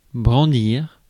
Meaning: to brandish (a weapon)
- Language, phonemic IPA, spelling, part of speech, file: French, /bʁɑ̃.diʁ/, brandir, verb, Fr-brandir.ogg